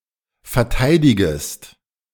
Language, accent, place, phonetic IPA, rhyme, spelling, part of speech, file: German, Germany, Berlin, [fɛɐ̯ˈtaɪ̯dɪɡəst], -aɪ̯dɪɡəst, verteidigest, verb, De-verteidigest.ogg
- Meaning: second-person singular subjunctive I of verteidigen